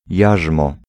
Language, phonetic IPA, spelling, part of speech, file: Polish, [ˈjaʒmɔ], jarzmo, noun, Pl-jarzmo.ogg